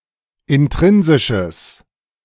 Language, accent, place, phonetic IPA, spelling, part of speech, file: German, Germany, Berlin, [ɪnˈtʁɪnzɪʃəs], intrinsisches, adjective, De-intrinsisches.ogg
- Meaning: strong/mixed nominative/accusative neuter singular of intrinsisch